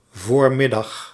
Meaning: 1. late morning, part of the day before noon (before the 12th hour of the day) 2. midday, early afternoon (around the 12th to the 14th hour in the afternoon)
- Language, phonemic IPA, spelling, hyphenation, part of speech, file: Dutch, /ˈvoːr.mɪˌdɑx/, voormiddag, voor‧mid‧dag, noun, Nl-voormiddag.ogg